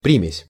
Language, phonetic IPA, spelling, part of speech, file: Russian, [ˈprʲimʲɪsʲ], примесь, noun, Ru-примесь.ogg
- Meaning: 1. admixture, tinge, dash 2. touch